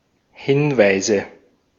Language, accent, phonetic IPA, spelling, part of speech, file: German, Austria, [ˈhɪnvaɪ̯zə], Hinweise, noun, De-at-Hinweise.ogg
- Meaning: nominative/accusative/genitive plural of Hinweis